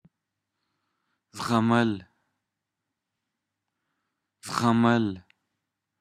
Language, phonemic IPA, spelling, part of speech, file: Pashto, /zɣa.ˈməl/, زغمل, verb, Zghamal.wav
- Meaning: to endure, to tolerate, to go through